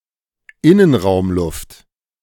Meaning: indoor air
- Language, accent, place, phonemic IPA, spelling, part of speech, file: German, Germany, Berlin, /ˈɪnənʁaʊ̯mˌlʊft/, Innenraumluft, noun, De-Innenraumluft.ogg